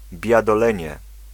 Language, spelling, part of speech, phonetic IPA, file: Polish, biadolenie, noun, [ˌbʲjadɔˈlɛ̃ɲɛ], Pl-biadolenie.ogg